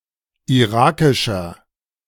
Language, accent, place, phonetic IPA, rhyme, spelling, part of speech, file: German, Germany, Berlin, [iˈʁaːkɪʃɐ], -aːkɪʃɐ, irakischer, adjective, De-irakischer.ogg
- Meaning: inflection of irakisch: 1. strong/mixed nominative masculine singular 2. strong genitive/dative feminine singular 3. strong genitive plural